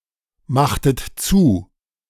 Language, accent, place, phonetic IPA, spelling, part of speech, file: German, Germany, Berlin, [ˌmaxtət ˈt͡suː], machtet zu, verb, De-machtet zu.ogg
- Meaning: inflection of zumachen: 1. second-person plural preterite 2. second-person plural subjunctive II